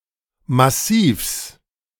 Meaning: genitive singular of Massiv
- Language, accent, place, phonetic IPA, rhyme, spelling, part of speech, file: German, Germany, Berlin, [maˈsiːfs], -iːfs, Massivs, noun, De-Massivs.ogg